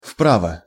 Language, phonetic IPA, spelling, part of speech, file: Russian, [ˈfpravə], вправо, adverb, Ru-вправо.ogg
- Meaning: to the right